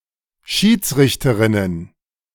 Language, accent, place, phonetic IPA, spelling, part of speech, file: German, Germany, Berlin, [ˈʃiːt͡sˌʁɪçtəʁɪnən], Schiedsrichterinnen, noun, De-Schiedsrichterinnen.ogg
- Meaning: plural of Schiedsrichterin